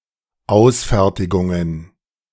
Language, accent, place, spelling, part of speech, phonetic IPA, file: German, Germany, Berlin, Ausfertigungen, noun, [ˈaʊ̯sˌfɛʁtɪɡʊŋən], De-Ausfertigungen.ogg
- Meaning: plural of Ausfertigung